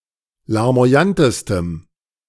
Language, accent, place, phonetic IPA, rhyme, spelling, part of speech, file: German, Germany, Berlin, [laʁmo̯aˈjantəstəm], -antəstəm, larmoyantestem, adjective, De-larmoyantestem.ogg
- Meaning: strong dative masculine/neuter singular superlative degree of larmoyant